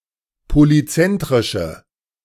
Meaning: inflection of polyzentrisch: 1. strong/mixed nominative/accusative feminine singular 2. strong nominative/accusative plural 3. weak nominative all-gender singular
- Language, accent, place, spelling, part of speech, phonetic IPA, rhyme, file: German, Germany, Berlin, polyzentrische, adjective, [poliˈt͡sɛntʁɪʃə], -ɛntʁɪʃə, De-polyzentrische.ogg